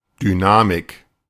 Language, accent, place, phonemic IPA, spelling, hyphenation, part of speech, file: German, Germany, Berlin, /dyˈnaːmɪk/, Dynamik, Dy‧na‧mik, noun, De-Dynamik.ogg
- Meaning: 1. driving force, dynamism 2. dynamics